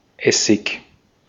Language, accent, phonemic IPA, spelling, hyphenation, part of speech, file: German, Austria, /ˈɛsɪk/, Essig, Es‧sig, noun, De-at-Essig.ogg
- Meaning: 1. vinegar 2. bad